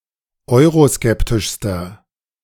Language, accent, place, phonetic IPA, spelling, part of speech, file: German, Germany, Berlin, [ˈɔɪ̯ʁoˌskɛptɪʃstɐ], euroskeptischster, adjective, De-euroskeptischster.ogg
- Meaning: inflection of euroskeptisch: 1. strong/mixed nominative masculine singular superlative degree 2. strong genitive/dative feminine singular superlative degree